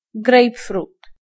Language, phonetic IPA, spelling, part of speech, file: Polish, [ˈɡrɛjpfrut], grejpfrut, noun, Pl-grejpfrut.ogg